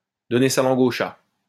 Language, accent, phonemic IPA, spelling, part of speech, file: French, France, /dɔ.ne sa lɑ̃.ɡ‿o ʃa/, donner sa langue au chat, verb, LL-Q150 (fra)-donner sa langue au chat.wav
- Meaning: to give up trying to guess something, e.g. the answer to a riddle